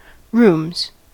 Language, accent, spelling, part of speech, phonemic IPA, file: English, US, rooms, noun / verb, /ɹuːmz/, En-us-rooms.ogg
- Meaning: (noun) plural of room; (verb) third-person singular simple present indicative of room